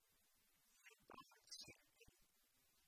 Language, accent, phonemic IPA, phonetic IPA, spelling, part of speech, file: Tamil, India, /iɾupaːlt͡ɕeːɾkːaɪ̯/, [iɾupɑːlseːɾkːɐɪ̯], இருபால்சேர்க்கை, noun, Ta-இருபால்சேர்க்கை.ogg
- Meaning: bisexuality